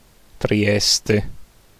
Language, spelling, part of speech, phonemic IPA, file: Italian, Trieste, proper noun, /triˈɛste/, It-Trieste.ogg